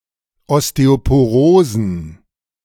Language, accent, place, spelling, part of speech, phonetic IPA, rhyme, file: German, Germany, Berlin, Osteoporosen, noun, [ˌɔsteopoˈʁoːzn̩], -oːzn̩, De-Osteoporosen.ogg
- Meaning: plural of Osteoporose